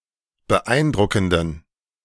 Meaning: inflection of beeindruckend: 1. strong genitive masculine/neuter singular 2. weak/mixed genitive/dative all-gender singular 3. strong/weak/mixed accusative masculine singular 4. strong dative plural
- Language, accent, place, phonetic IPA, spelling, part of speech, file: German, Germany, Berlin, [bəˈʔaɪ̯nˌdʁʊkn̩dən], beeindruckenden, adjective, De-beeindruckenden.ogg